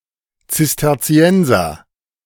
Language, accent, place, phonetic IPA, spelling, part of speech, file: German, Germany, Berlin, [t͡sɪstɐˈt͡si̯ɛnzɐ], Zisterzienser, noun, De-Zisterzienser.ogg
- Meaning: Cistercian